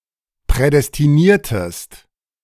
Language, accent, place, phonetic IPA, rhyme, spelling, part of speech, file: German, Germany, Berlin, [pʁɛdɛstiˈniːɐ̯təst], -iːɐ̯təst, prädestiniertest, verb, De-prädestiniertest.ogg
- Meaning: inflection of prädestinieren: 1. second-person singular preterite 2. second-person singular subjunctive II